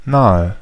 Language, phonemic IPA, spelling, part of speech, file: German, /ˈnaːə/, nahe, preposition / adjective / adverb, De-nahe.ogg
- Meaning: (preposition) near; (adjective) 1. alternative form of nah 2. inflection of nah: strong/mixed nominative/accusative feminine singular 3. inflection of nah: strong nominative/accusative plural